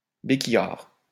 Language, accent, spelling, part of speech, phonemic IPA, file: French, France, béquillard, noun, /be.ki.jaʁ/, LL-Q150 (fra)-béquillard.wav
- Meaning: a person who walks with the aid of a crutch (or crutches)